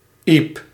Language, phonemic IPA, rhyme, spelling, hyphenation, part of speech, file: Dutch, /ip/, -ip, iep, iep, noun, Nl-iep.ogg
- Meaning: an elm, tree of the genus Ulmus